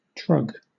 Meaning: 1. A shallow, oval basket used for gardening 2. A trough or tray 3. A hod for mortar 4. A concubine; a harlot
- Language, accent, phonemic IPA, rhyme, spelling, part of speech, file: English, Southern England, /tɹʌɡ/, -ʌɡ, trug, noun, LL-Q1860 (eng)-trug.wav